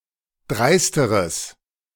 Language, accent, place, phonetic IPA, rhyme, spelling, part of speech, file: German, Germany, Berlin, [ˈdʁaɪ̯stəʁəs], -aɪ̯stəʁəs, dreisteres, adjective, De-dreisteres.ogg
- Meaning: strong/mixed nominative/accusative neuter singular comparative degree of dreist